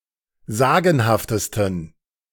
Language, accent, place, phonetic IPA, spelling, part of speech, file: German, Germany, Berlin, [ˈzaːɡn̩haftəstn̩], sagenhaftesten, adjective, De-sagenhaftesten.ogg
- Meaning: 1. superlative degree of sagenhaft 2. inflection of sagenhaft: strong genitive masculine/neuter singular superlative degree